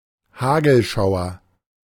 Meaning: hailstorm
- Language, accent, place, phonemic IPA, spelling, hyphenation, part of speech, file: German, Germany, Berlin, /ˈhaːɡl̩ˌʃaʊ̯ɐ/, Hagelschauer, Ha‧gel‧schau‧er, noun, De-Hagelschauer.ogg